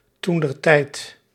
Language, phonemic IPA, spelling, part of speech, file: Dutch, /ˌtun.dərˈtɛi̯t/, toentertijd, adverb, Nl-toentertijd.ogg
- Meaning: at the time, then, during that time